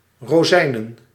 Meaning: plural of rozijn
- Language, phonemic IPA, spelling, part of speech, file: Dutch, /roˈzɛinə(n)/, rozijnen, noun, Nl-rozijnen.ogg